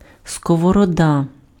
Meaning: frying pan
- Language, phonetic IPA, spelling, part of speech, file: Ukrainian, [skɔwɔrɔˈda], сковорода, noun, Uk-сковорода.ogg